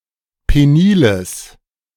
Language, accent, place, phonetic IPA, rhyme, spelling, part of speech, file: German, Germany, Berlin, [ˌpeˈniːləs], -iːləs, peniles, adjective, De-peniles.ogg
- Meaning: strong/mixed nominative/accusative neuter singular of penil